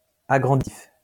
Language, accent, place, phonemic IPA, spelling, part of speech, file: French, France, Lyon, /a.ɡʁɑ̃.di.tif/, agranditif, adjective, LL-Q150 (fra)-agranditif.wav
- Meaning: aggrandising